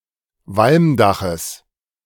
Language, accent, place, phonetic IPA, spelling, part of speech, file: German, Germany, Berlin, [ˈvalmˌdaxəs], Walmdaches, noun, De-Walmdaches.ogg
- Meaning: genitive singular of Walmdach